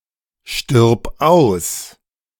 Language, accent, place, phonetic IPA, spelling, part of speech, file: German, Germany, Berlin, [ˌʃtɪʁp ˈaʊ̯s], stirb aus, verb, De-stirb aus.ogg
- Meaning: singular imperative of aussterben